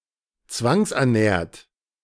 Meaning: 1. past participle of zwangsernähren 2. inflection of zwangsernähren: second-person plural present 3. inflection of zwangsernähren: third-person singular present
- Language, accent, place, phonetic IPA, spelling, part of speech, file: German, Germany, Berlin, [ˈt͡svaŋsʔɛɐ̯ˌnɛːɐ̯t], zwangsernährt, verb, De-zwangsernährt.ogg